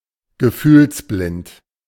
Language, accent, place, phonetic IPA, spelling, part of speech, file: German, Germany, Berlin, [ɡəˈfyːlsˌblɪnt], gefühlsblind, adjective, De-gefühlsblind.ogg
- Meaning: alexithymic